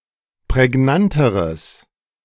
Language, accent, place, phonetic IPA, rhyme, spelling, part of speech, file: German, Germany, Berlin, [pʁɛˈɡnantəʁəs], -antəʁəs, prägnanteres, adjective, De-prägnanteres.ogg
- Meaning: strong/mixed nominative/accusative neuter singular comparative degree of prägnant